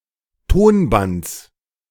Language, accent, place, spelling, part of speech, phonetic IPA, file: German, Germany, Berlin, Tonbands, noun, [ˈtoːnˌbant͡s], De-Tonbands.ogg
- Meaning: genitive singular of Tonband